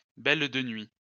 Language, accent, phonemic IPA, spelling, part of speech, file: French, France, /bɛl.də.nɥi/, belle-de-nuit, noun, LL-Q150 (fra)-belle-de-nuit.wav
- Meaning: 1. marvel of Peru 2. marsh warbler, reed warbler 3. prostitute